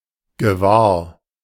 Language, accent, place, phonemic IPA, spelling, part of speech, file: German, Germany, Berlin, /ɡəˈvaːɐ̯/, gewahr, adjective, De-gewahr.ogg
- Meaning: aware, noticing